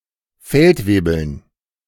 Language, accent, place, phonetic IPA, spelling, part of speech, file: German, Germany, Berlin, [ˈfɛltˌveːbl̩n], Feldwebeln, noun, De-Feldwebeln.ogg
- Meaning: dative plural of Feldwebel